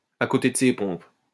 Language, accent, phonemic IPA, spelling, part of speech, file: French, France, /a ko.te d(ə) se pɔ̃p/, à côté de ses pompes, adjective, LL-Q150 (fra)-à côté de ses pompes.wav
- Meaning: out to lunch, out of it, not with it